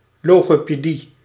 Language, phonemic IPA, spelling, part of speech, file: Dutch, /ˌloɣopeˈdi/, logopedie, noun, Nl-logopedie.ogg
- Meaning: speech therapy